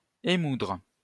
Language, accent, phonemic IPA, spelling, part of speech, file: French, France, /e.mudʁ/, émoudre, verb, LL-Q150 (fra)-émoudre.wav
- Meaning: to sharpen on a grindstone